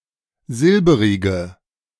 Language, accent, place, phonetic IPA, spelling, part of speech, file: German, Germany, Berlin, [ˈzɪlbəʁɪɡə], silberige, adjective, De-silberige.ogg
- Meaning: inflection of silberig: 1. strong/mixed nominative/accusative feminine singular 2. strong nominative/accusative plural 3. weak nominative all-gender singular